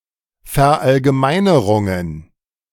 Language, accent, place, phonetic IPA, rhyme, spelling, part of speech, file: German, Germany, Berlin, [fɛɐ̯ˌʔalɡəˈmaɪ̯nəʁʊŋən], -aɪ̯nəʁʊŋən, Verallgemeinerungen, noun, De-Verallgemeinerungen.ogg
- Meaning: plural of Verallgemeinerung